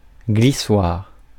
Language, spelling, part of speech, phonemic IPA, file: French, glissoire, noun, /ɡli.swaʁ/, Fr-glissoire.ogg
- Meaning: slide (made of ice, normally by children to slide for fun)